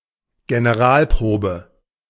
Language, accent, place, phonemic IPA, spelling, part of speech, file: German, Germany, Berlin, /ɡeneˈʁaːlˌpʁoːbə/, Generalprobe, noun, De-Generalprobe.ogg
- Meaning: 1. dress rehearsal 2. final rehearsal